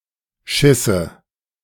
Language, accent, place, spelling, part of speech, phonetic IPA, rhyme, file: German, Germany, Berlin, Schisse, noun, [ˈʃɪsə], -ɪsə, De-Schisse.ogg
- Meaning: nominative/accusative/genitive plural of Schiss